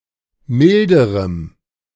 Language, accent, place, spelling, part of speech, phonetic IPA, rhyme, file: German, Germany, Berlin, milderem, adjective, [ˈmɪldəʁəm], -ɪldəʁəm, De-milderem.ogg
- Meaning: strong dative masculine/neuter singular comparative degree of mild